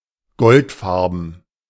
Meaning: golden (gold-coloured)
- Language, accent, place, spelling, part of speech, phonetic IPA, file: German, Germany, Berlin, goldfarben, adjective, [ˈɡɔltˌfaʁbn̩], De-goldfarben.ogg